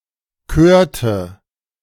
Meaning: inflection of kören: 1. first/third-person singular preterite 2. first/third-person singular subjunctive II
- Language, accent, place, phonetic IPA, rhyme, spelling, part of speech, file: German, Germany, Berlin, [ˈkøːɐ̯tə], -øːɐ̯tə, körte, verb, De-körte.ogg